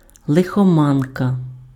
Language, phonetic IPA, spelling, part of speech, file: Ukrainian, [ɫexɔˈmankɐ], лихоманка, noun, Uk-лихоманка.ogg
- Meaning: 1. fever 2. ague (an intermittent fever, attended by alternate cold and hot fits) 3. malaria 4. fever (state of excitement)